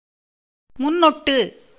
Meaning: prefix
- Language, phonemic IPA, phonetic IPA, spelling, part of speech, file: Tamil, /mʊnːoʈːɯ/, [mʊnːo̞ʈːɯ], முன்னொட்டு, noun, Ta-முன்னொட்டு.ogg